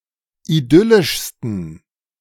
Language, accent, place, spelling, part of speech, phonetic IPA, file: German, Germany, Berlin, idyllischsten, adjective, [iˈdʏlɪʃstn̩], De-idyllischsten.ogg
- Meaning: 1. superlative degree of idyllisch 2. inflection of idyllisch: strong genitive masculine/neuter singular superlative degree